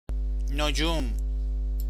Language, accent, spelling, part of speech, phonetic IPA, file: Persian, Iran, نجوم, noun, [no.d͡ʒúːm], Fa-نجوم.ogg
- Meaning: astronomy